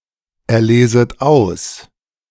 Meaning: second-person plural subjunctive I of auserlesen
- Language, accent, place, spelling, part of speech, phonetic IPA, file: German, Germany, Berlin, erleset aus, verb, [ɛɐ̯ˌleːzət ˈaʊ̯s], De-erleset aus.ogg